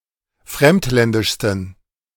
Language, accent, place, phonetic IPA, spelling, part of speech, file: German, Germany, Berlin, [ˈfʁɛmtˌlɛndɪʃstn̩], fremdländischsten, adjective, De-fremdländischsten.ogg
- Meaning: 1. superlative degree of fremdländisch 2. inflection of fremdländisch: strong genitive masculine/neuter singular superlative degree